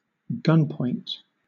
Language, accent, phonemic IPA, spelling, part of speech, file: English, Southern England, /ˈɡʌnpɔɪnt/, gunpoint, noun, LL-Q1860 (eng)-gunpoint.wav
- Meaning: 1. A location in the front of the muzzle of a gun 2. Threat or coercion by display or aiming a firearm or similar weapon